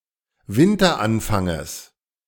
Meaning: genitive singular of Winteranfang
- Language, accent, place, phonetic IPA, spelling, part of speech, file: German, Germany, Berlin, [ˈvɪntɐˌʔanfaŋəs], Winteranfanges, noun, De-Winteranfanges.ogg